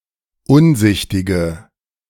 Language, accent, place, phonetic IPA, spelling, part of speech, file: German, Germany, Berlin, [ˈʊnˌzɪçtɪɡə], unsichtige, adjective, De-unsichtige.ogg
- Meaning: inflection of unsichtig: 1. strong/mixed nominative/accusative feminine singular 2. strong nominative/accusative plural 3. weak nominative all-gender singular